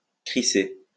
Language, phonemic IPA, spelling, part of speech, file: French, /kʁi.se/, crisser, verb, LL-Q150 (fra)-crisser.wav
- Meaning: 1. to screech, to squeak 2. to crunch (noise made by walking in snow) 3. to throw 4. to not give a fuck, to not care